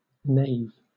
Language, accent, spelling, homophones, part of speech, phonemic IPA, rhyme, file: English, Southern England, nave, knave, noun, /neɪv/, -eɪv, LL-Q1860 (eng)-nave.wav
- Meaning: 1. The middle or body of a church, extending from the transepts to the principal entrances 2. The ground-level middle cavity of a barn 3. A hub of a wheel 4. The navel